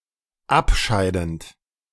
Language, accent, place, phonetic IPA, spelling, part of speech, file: German, Germany, Berlin, [ˈapˌʃaɪ̯dn̩t], abscheidend, verb, De-abscheidend.ogg
- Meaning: present participle of abscheiden